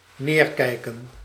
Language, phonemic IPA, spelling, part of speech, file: Dutch, /ˈnerkɛikə(n)/, neerkijken, verb, Nl-neerkijken.ogg
- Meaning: to look down